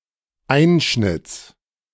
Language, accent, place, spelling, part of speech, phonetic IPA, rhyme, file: German, Germany, Berlin, Einschnitts, noun, [ˈaɪ̯nʃnɪt͡s], -aɪ̯nʃnɪt͡s, De-Einschnitts.ogg
- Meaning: genitive singular of Einschnitt